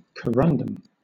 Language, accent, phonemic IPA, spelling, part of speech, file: English, Southern England, /kəˈɹʌn.dəm/, corundum, noun, LL-Q1860 (eng)-corundum.wav
- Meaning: An extremely hard mineral, a form of aluminum oxide with the chemical formula Al₂O₃, that occurs in the form of the gemstones sapphire and ruby; it is used as an abrasive